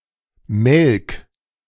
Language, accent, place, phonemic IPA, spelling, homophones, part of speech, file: German, Germany, Berlin, /mɛlk/, Melk, melk, proper noun, De-Melk.ogg
- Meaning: 1. a municipality of Lower Austria, Austria 2. a river in Lower Austria, Austria